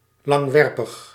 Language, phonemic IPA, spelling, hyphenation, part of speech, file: Dutch, /lɑŋˈʋɛr.pəx/, langwerpig, lang‧wer‧pig, adjective, Nl-langwerpig.ogg
- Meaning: elongated